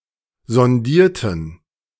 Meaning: inflection of sondieren: 1. first/third-person plural preterite 2. first/third-person plural subjunctive II
- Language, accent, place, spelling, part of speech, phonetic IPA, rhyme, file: German, Germany, Berlin, sondierten, adjective / verb, [zɔnˈdiːɐ̯tn̩], -iːɐ̯tn̩, De-sondierten.ogg